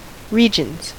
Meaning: 1. plural of region 2. the rest of the country excluding the capital city or metropolitan region
- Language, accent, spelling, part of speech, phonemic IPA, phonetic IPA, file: English, US, regions, noun, /ˈɹi.d͡ʒənz/, [ˈɹi.d͡ʒn̩z], En-us-regions.ogg